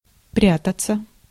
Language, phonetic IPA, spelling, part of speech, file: Russian, [ˈprʲatət͡sə], прятаться, verb, Ru-прятаться.ogg
- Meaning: to hide, to conceal oneself, to hide away (intransitive)